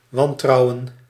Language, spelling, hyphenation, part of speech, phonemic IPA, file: Dutch, wantrouwen, wan‧trou‧wen, verb / noun, /ˈwɑntrɑuwə(n)/, Nl-wantrouwen.ogg
- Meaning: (verb) to mistrust; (noun) mistrust